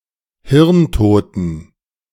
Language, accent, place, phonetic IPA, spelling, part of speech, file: German, Germany, Berlin, [ˈhɪʁnˌtoːtn̩], hirntoten, adjective, De-hirntoten.ogg
- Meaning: inflection of hirntot: 1. strong genitive masculine/neuter singular 2. weak/mixed genitive/dative all-gender singular 3. strong/weak/mixed accusative masculine singular 4. strong dative plural